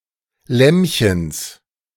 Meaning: genitive singular of Lämmchen
- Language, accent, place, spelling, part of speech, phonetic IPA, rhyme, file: German, Germany, Berlin, Lämmchens, noun, [ˈlɛmçəns], -ɛmçəns, De-Lämmchens.ogg